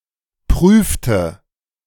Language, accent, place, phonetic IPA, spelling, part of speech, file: German, Germany, Berlin, [ˈpʁyːftə], prüfte, verb, De-prüfte.ogg
- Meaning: inflection of prüfen: 1. first/third-person singular preterite 2. first/third-person singular subjunctive II